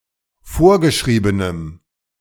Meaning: strong dative masculine/neuter singular of vorgeschrieben
- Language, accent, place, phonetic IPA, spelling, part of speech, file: German, Germany, Berlin, [ˈfoːɐ̯ɡəˌʃʁiːbənəm], vorgeschriebenem, adjective, De-vorgeschriebenem.ogg